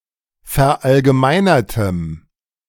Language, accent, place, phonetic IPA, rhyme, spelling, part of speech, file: German, Germany, Berlin, [fɛɐ̯ʔalɡəˈmaɪ̯nɐtəm], -aɪ̯nɐtəm, verallgemeinertem, adjective, De-verallgemeinertem.ogg
- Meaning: strong dative masculine/neuter singular of verallgemeinert